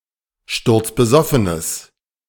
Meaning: strong/mixed nominative/accusative neuter singular of sturzbesoffen
- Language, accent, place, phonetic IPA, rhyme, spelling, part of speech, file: German, Germany, Berlin, [ˌʃtʊʁt͡sbəˈzɔfənəs], -ɔfənəs, sturzbesoffenes, adjective, De-sturzbesoffenes.ogg